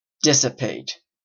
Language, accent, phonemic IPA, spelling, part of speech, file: English, Canada, /ˈdɪsɪpeɪt/, dissipate, verb / adjective, En-ca-dissipate.oga
- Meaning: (verb) 1. To drive away, disperse 2. To use up or waste; squander 3. To vanish by dispersion 4. To cause energy to be lost through its conversion to heat 5. To be dissolute in conduct